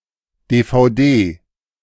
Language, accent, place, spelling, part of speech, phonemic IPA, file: German, Germany, Berlin, DVD, noun, /ˌdeːfaʊ̯ˈdeː/, De-DVD.ogg
- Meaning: DVD (optical disc)